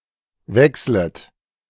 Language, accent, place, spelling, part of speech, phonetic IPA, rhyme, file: German, Germany, Berlin, wechslet, verb, [ˈvɛkslət], -ɛkslət, De-wechslet.ogg
- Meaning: second-person plural subjunctive I of wechseln